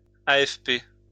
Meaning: initialism of Agence France-Presse
- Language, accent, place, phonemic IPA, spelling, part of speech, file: French, France, Lyon, /a.ɛf.pe/, AFP, proper noun, LL-Q150 (fra)-AFP.wav